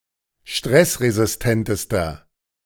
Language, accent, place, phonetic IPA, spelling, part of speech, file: German, Germany, Berlin, [ˈʃtʁɛsʁezɪsˌtɛntəstɐ], stressresistentester, adjective, De-stressresistentester.ogg
- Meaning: inflection of stressresistent: 1. strong/mixed nominative masculine singular superlative degree 2. strong genitive/dative feminine singular superlative degree